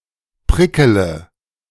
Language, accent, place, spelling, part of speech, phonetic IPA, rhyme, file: German, Germany, Berlin, prickele, verb, [ˈpʁɪkələ], -ɪkələ, De-prickele.ogg
- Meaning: inflection of prickeln: 1. first-person singular present 2. first-person plural subjunctive I 3. third-person singular subjunctive I 4. singular imperative